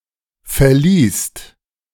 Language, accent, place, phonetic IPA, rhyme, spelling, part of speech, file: German, Germany, Berlin, [fɛɐ̯ˈliːst], -iːst, verließt, verb, De-verließt.ogg
- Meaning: second-person singular/plural preterite of verlassen